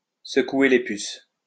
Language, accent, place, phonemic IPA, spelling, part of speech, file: French, France, Lyon, /sə.kwe le pys/, secouer les puces, verb, LL-Q150 (fra)-secouer les puces.wav
- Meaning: to give (someone) a kick up the backside (to treat (someone) a bit roughly in order to motivate them)